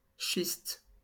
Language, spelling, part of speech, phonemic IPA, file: French, schiste, noun, /ʃist/, LL-Q150 (fra)-schiste.wav
- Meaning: shale, schist (sedimentary rock)